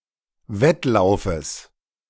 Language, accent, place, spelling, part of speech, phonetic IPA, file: German, Germany, Berlin, Wettlaufes, noun, [ˈvɛtˌlaʊ̯fəs], De-Wettlaufes.ogg
- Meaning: genitive singular of Wettlauf